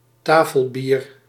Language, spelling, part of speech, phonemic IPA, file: Dutch, tafelbier, noun, /ˈtaː.fəlˌbir/, Nl-tafelbier.ogg
- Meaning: a legally determined name for beer of which alcohol percentage is between 1 and 4